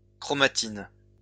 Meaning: chromatin
- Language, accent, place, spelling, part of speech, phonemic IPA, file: French, France, Lyon, chromatine, noun, /kʁɔ.ma.tin/, LL-Q150 (fra)-chromatine.wav